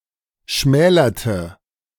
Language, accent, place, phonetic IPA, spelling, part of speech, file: German, Germany, Berlin, [ˈʃmɛːlɐtə], schmälerte, verb, De-schmälerte.ogg
- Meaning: inflection of schmälern: 1. first/third-person singular preterite 2. first/third-person singular subjunctive II